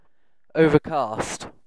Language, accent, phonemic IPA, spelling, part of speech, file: English, UK, /ˈəʊvəˌkɑːst/, overcast, noun / adjective, En-uk-overcast.ogg
- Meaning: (noun) 1. A cloud covering all of the sky from horizon to horizon 2. An outcast